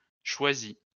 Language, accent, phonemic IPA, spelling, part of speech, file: French, France, /ʃwa.zi/, choisis, verb, LL-Q150 (fra)-choisis.wav
- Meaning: inflection of choisir: 1. first/second-person singular present indicative 2. first/second-person singular past historic 3. second-person singular imperative